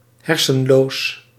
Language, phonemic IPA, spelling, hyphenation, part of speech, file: Dutch, /ˈɦɛr.sə(n)ˌloːs/, hersenloos, her‧sen‧loos, adjective, Nl-hersenloos.ogg
- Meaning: brainless